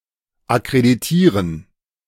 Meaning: to accredit
- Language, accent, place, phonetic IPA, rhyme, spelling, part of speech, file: German, Germany, Berlin, [akʁediˈtiːʁən], -iːʁən, akkreditieren, verb, De-akkreditieren.ogg